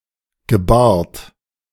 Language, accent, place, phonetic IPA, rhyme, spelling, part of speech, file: German, Germany, Berlin, [ɡəˈbaːɐ̯t], -aːɐ̯t, gebart, verb, De-gebart.ogg
- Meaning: second-person plural preterite of gebären